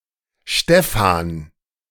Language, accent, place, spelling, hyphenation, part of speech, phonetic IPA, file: German, Germany, Berlin, Stephan, Ste‧phan, proper noun, [ˈʃtɛfan], De-Stephan.ogg
- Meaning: a male given name, variant of Stefan